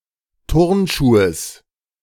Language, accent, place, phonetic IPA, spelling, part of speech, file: German, Germany, Berlin, [ˈtʊʁnˌʃuːəs], Turnschuhes, noun, De-Turnschuhes.ogg
- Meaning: genitive of Turnschuh